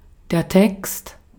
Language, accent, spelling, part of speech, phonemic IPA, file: German, Austria, Text, noun, /tɛkst/, De-at-Text.ogg
- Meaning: 1. text (writing consisting of several sentences and forming a discrete unit) 2. text (passage of a larger opus, often Scripture, examined and interpreted as a unit)